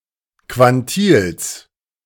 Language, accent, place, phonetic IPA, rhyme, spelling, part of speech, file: German, Germany, Berlin, [kvanˈtiːls], -iːls, Quantils, noun, De-Quantils.ogg
- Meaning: genitive singular of Quantil